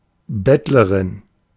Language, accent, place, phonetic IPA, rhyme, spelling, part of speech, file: German, Germany, Berlin, [ˈbɛtləʁɪn], -ɛtləʁɪn, Bettlerin, noun, De-Bettlerin.ogg
- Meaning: female beggar